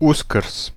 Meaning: Easter (Christian holiday)
- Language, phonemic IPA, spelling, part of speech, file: Serbo-Croatian, /ǔskrs/, Uskrs, proper noun, Hr-Uskrs.ogg